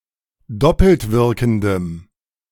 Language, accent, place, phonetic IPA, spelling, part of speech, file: German, Germany, Berlin, [ˈdɔpl̩tˌvɪʁkn̩dəm], doppeltwirkendem, adjective, De-doppeltwirkendem.ogg
- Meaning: strong dative masculine/neuter singular of doppeltwirkend